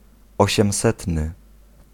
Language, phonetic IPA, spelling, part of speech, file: Polish, [ˌɔɕɛ̃mˈsɛtnɨ], osiemsetny, adjective, Pl-osiemsetny.ogg